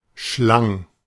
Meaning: first/third-person singular preterite of schlingen
- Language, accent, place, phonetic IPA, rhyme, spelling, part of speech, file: German, Germany, Berlin, [ˈʃlaŋ], -aŋ, schlang, verb, De-schlang.ogg